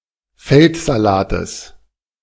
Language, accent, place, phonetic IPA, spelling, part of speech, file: German, Germany, Berlin, [ˈfɛltzaˌlaːtəs], Feldsalates, noun, De-Feldsalates.ogg
- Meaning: genitive singular of Feldsalat